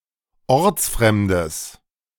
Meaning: strong/mixed nominative/accusative neuter singular of ortsfremd
- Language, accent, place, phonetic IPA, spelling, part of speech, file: German, Germany, Berlin, [ˈɔʁt͡sˌfʁɛmdəs], ortsfremdes, adjective, De-ortsfremdes.ogg